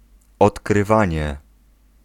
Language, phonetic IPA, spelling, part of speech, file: Polish, [ˌɔtkrɨˈvãɲɛ], odkrywanie, noun, Pl-odkrywanie.ogg